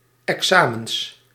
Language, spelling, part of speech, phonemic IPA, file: Dutch, examens, noun, /ɛkˈsamə(n)s/, Nl-examens.ogg
- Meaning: plural of examen